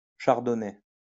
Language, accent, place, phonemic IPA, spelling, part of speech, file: French, France, Lyon, /ʃaʁ.dɔ.nɛ/, chardonnay, noun, LL-Q150 (fra)-chardonnay.wav
- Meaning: Chardonnay (grape, wine)